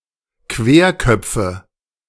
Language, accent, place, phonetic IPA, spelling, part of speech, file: German, Germany, Berlin, [ˈkveːɐ̯ˌkœp͡fə], Querköpfe, noun, De-Querköpfe.ogg
- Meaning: nominative/accusative/genitive plural of Querkopf